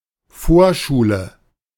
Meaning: preschool
- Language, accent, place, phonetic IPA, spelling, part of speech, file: German, Germany, Berlin, [ˈfoːɐ̯ˌʃuːlə], Vorschule, noun, De-Vorschule.ogg